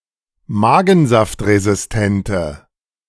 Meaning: inflection of magensaftresistent: 1. strong/mixed nominative/accusative feminine singular 2. strong nominative/accusative plural 3. weak nominative all-gender singular
- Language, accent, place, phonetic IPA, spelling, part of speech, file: German, Germany, Berlin, [ˈmaːɡn̩zaftʁezɪsˌtɛntə], magensaftresistente, adjective, De-magensaftresistente.ogg